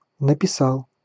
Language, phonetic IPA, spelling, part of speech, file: Russian, [nəpʲɪˈsaɫ], написал, verb, Ru-написа́л.ogg
- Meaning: masculine singular past indicative perfective of написа́ть (napisátʹ)